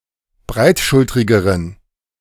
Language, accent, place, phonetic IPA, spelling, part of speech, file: German, Germany, Berlin, [ˈbʁaɪ̯tˌʃʊltʁɪɡəʁən], breitschultrigeren, adjective, De-breitschultrigeren.ogg
- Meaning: inflection of breitschultrig: 1. strong genitive masculine/neuter singular comparative degree 2. weak/mixed genitive/dative all-gender singular comparative degree